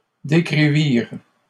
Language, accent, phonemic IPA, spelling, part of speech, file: French, Canada, /de.kʁi.viʁ/, décrivirent, verb, LL-Q150 (fra)-décrivirent.wav
- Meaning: third-person plural past historic of décrire